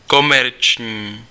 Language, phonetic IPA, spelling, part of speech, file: Czech, [ˈkomɛrt͡ʃɲiː], komerční, adjective, Cs-komerční.ogg
- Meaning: commercial